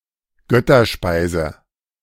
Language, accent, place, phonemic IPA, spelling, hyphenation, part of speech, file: German, Germany, Berlin, /ˈɡœtɐˌʃpaɪ̯zə/, Götterspeise, Göt‧ter‧spei‧se, noun, De-Götterspeise.ogg
- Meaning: 1. ambrosia 2. jelly, jello